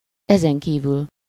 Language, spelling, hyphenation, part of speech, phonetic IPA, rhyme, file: Hungarian, ezenkívül, ezen‧kí‧vül, adverb, [ˈɛzɛŋkiːvyl], -yl, Hu-ezenkívül.ogg
- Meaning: besides (in addition to what has been said just now)